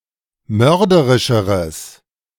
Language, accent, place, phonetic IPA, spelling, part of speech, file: German, Germany, Berlin, [ˈmœʁdəʁɪʃəʁəs], mörderischeres, adjective, De-mörderischeres.ogg
- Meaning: strong/mixed nominative/accusative neuter singular comparative degree of mörderisch